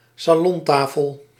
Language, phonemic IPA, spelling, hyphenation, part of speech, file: Dutch, /saːˈlɔnˌtaː.fəl/, salontafel, sa‧lon‧ta‧fel, noun, Nl-salontafel.ogg
- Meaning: coffee table, tea table (low, relatively small table used in living rooms, parlours, etc.)